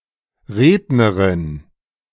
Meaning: female orator, speaker
- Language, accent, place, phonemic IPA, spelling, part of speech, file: German, Germany, Berlin, /ˈʁeːdnəʁɪn/, Rednerin, noun, De-Rednerin.ogg